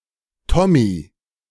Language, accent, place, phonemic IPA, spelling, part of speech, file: German, Germany, Berlin, /ˈtɔmi/, Tommy, noun, De-Tommy.ogg
- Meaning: a Briton, particularly but not exclusively a soldier